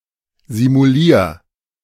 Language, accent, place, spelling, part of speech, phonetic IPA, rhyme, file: German, Germany, Berlin, simulier, verb, [zimuˈliːɐ̯], -iːɐ̯, De-simulier.ogg
- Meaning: 1. singular imperative of simulieren 2. first-person singular present of simulieren